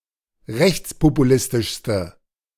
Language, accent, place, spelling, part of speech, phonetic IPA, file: German, Germany, Berlin, rechtspopulistischste, adjective, [ˈʁɛçt͡spopuˌlɪstɪʃstə], De-rechtspopulistischste.ogg
- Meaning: inflection of rechtspopulistisch: 1. strong/mixed nominative/accusative feminine singular superlative degree 2. strong nominative/accusative plural superlative degree